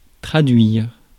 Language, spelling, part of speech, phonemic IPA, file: French, traduire, verb, /tʁa.dɥiʁ/, Fr-traduire.ogg
- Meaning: 1. to translate 2. to summon